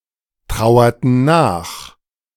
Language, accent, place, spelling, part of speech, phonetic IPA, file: German, Germany, Berlin, trauerten nach, verb, [ˌtʁaʊ̯ɐtn̩ ˈnaːx], De-trauerten nach.ogg
- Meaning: inflection of nachtrauern: 1. first/third-person plural preterite 2. first/third-person plural subjunctive II